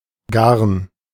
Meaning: 1. yarn: a thread, typically in a ball/skein or on a spool; (often) such balls and/or spools collectively 2. net 3. Bavarian, Swabian and Rhine Franconian form of Gaden
- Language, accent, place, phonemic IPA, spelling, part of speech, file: German, Germany, Berlin, /ɡarn/, Garn, noun, De-Garn.ogg